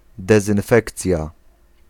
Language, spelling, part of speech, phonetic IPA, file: Polish, dezynfekcja, noun, [ˌdɛzɨ̃nˈfɛkt͡sʲja], Pl-dezynfekcja.ogg